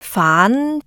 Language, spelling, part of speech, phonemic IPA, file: Cantonese, faan2, romanization, /faːn˧˥/, Yue-faan2.ogg
- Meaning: Jyutping transcription of 反